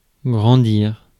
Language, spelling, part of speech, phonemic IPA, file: French, grandir, verb, /ɡʁɑ̃.diʁ/, Fr-grandir.ogg
- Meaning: 1. to grow, get bigger 2. to grow up 3. to magnify